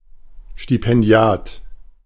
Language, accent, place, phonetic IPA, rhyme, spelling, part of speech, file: German, Germany, Berlin, [ˌʃtipɛnˈdi̯aːt], -aːt, Stipendiat, noun, De-Stipendiat.ogg
- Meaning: scholarship holder